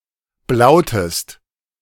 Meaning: inflection of blauen: 1. second-person singular preterite 2. second-person singular subjunctive II
- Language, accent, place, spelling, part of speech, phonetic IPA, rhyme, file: German, Germany, Berlin, blautest, verb, [ˈblaʊ̯təst], -aʊ̯təst, De-blautest.ogg